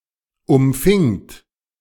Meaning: second-person plural preterite of umfangen
- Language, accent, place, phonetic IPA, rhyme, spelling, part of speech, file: German, Germany, Berlin, [ʊmˈfɪŋt], -ɪŋt, umfingt, verb, De-umfingt.ogg